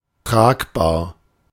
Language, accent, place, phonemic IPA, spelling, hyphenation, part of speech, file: German, Germany, Berlin, /ˈtʁaːkbaːɐ̯/, tragbar, trag‧bar, adjective, De-tragbar.ogg
- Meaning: 1. portable (able to be carried) 2. wearable (able to be worn) 3. sufferable, bearable 4. supportable (able to be funded)